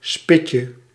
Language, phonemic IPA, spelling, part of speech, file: Dutch, /ˈspɪcə/, spitje, noun, Nl-spitje.ogg
- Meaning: diminutive of spit